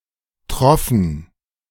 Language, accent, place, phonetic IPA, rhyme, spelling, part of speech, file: German, Germany, Berlin, [tʁɔfn̩], -ɔfn̩, troffen, verb, De-troffen.ogg
- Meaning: first/third-person plural preterite of triefen